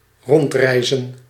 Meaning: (verb) to roam, to travel without a specific destination; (noun) plural of rondreis
- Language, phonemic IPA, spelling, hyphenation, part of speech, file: Dutch, /ˈrɔntˌrɛi̯.zə(n)/, rondreizen, rond‧rei‧zen, verb / noun, Nl-rondreizen.ogg